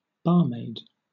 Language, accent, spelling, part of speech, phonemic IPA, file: English, Southern England, barmaid, noun, /ˈbɑː(ɹ).meɪd/, LL-Q1860 (eng)-barmaid.wav
- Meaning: A woman who serves in a bar